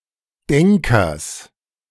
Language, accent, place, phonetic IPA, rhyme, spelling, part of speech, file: German, Germany, Berlin, [ˈdɛŋkɐs], -ɛŋkɐs, Denkers, noun, De-Denkers.ogg
- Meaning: genitive singular of Denker